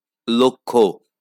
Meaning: 1. goal, intent 2. noticing, seeing
- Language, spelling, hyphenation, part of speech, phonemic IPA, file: Bengali, লক্ষ্য, ল‧ক্ষ্য, noun, /lokʰːo/, LL-Q9610 (ben)-লক্ষ্য.wav